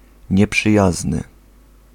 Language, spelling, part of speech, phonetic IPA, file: Polish, nieprzyjazny, adjective, [ˌɲɛpʃɨˈjaznɨ], Pl-nieprzyjazny.ogg